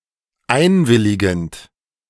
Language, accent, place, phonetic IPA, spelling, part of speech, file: German, Germany, Berlin, [ˈaɪ̯nˌvɪlɪɡn̩t], einwilligend, verb, De-einwilligend.ogg
- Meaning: present participle of einwilligen